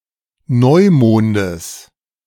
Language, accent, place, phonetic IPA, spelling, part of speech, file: German, Germany, Berlin, [ˈnɔɪ̯ˌmoːndəs], Neumondes, noun, De-Neumondes.ogg
- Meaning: genitive singular of Neumond